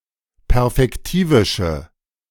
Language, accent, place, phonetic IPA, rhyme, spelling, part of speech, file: German, Germany, Berlin, [pɛʁfɛkˈtiːvɪʃə], -iːvɪʃə, perfektivische, adjective, De-perfektivische.ogg
- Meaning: inflection of perfektivisch: 1. strong/mixed nominative/accusative feminine singular 2. strong nominative/accusative plural 3. weak nominative all-gender singular